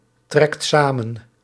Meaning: inflection of samentrekken: 1. second/third-person singular present indicative 2. plural imperative
- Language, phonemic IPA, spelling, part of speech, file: Dutch, /ˈtrɛkt ˈsamə(n)/, trekt samen, verb, Nl-trekt samen.ogg